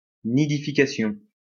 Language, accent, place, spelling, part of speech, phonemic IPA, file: French, France, Lyon, nidification, noun, /ni.di.fi.ka.sjɔ̃/, LL-Q150 (fra)-nidification.wav
- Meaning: nesting, nidification